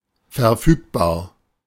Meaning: 1. available 2. disposable
- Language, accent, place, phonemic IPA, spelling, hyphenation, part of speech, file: German, Germany, Berlin, /fɛɐ̯ˈfyːkbaːɐ̯/, verfügbar, ver‧füg‧bar, adjective, De-verfügbar.ogg